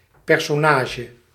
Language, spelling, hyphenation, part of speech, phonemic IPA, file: Dutch, personage, per‧so‧na‧ge, noun, /ˌpɛrsɔˈnaːʒə/, Nl-personage.ogg
- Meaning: character in a work of fiction